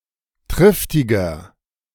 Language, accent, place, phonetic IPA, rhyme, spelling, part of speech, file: German, Germany, Berlin, [ˈtʁɪftɪɡɐ], -ɪftɪɡɐ, triftiger, adjective, De-triftiger.ogg
- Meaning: 1. comparative degree of triftig 2. inflection of triftig: strong/mixed nominative masculine singular 3. inflection of triftig: strong genitive/dative feminine singular